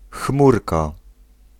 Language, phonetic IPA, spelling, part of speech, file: Polish, [ˈxmurka], chmurka, noun, Pl-chmurka.ogg